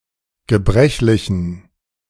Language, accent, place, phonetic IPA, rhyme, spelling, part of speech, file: German, Germany, Berlin, [ɡəˈbʁɛçlɪçn̩], -ɛçlɪçn̩, gebrechlichen, adjective, De-gebrechlichen.ogg
- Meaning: inflection of gebrechlich: 1. strong genitive masculine/neuter singular 2. weak/mixed genitive/dative all-gender singular 3. strong/weak/mixed accusative masculine singular 4. strong dative plural